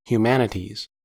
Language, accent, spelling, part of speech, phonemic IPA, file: English, US, humanities, noun, /hjuˈmæn.ɪ.tiz/, En-us-humanities.ogg
- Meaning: 1. plural of humanity 2. Synonym of classical studies: the study of Ancient Greek and Latin, their literature, etc